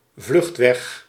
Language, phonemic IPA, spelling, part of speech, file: Dutch, /ˈvlʏxtwɛx/, vluchtweg, noun, Nl-vluchtweg.ogg
- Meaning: 1. emergency exit, fire exit 2. way out